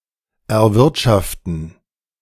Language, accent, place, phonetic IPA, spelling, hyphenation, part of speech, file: German, Germany, Berlin, [ʔɛʁˈvɪʁtʃaftn̩], erwirtschaften, er‧wirt‧schaf‧ten, verb, De-erwirtschaften.ogg
- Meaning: 1. to earn 2. to generate (a profit)